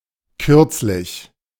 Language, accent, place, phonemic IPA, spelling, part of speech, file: German, Germany, Berlin, /ˈkʏʁtslɪç/, kürzlich, adverb / adjective, De-kürzlich.ogg
- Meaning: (adverb) 1. recently, lately (in the recent past) 2. shortly, soon (in the near future); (adjective) recent